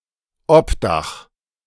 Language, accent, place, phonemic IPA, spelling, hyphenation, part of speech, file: German, Germany, Berlin, /ˈɔp.daχ/, Obdach, Ob‧dach, noun / proper noun, De-Obdach.ogg
- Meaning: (noun) shelter; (proper noun) a municipality of Styria, Austria